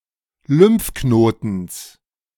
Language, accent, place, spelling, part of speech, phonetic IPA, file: German, Germany, Berlin, Lymphknotens, noun, [ˈlʏmfˌknoːtn̩s], De-Lymphknotens.ogg
- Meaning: genitive singular of Lymphknoten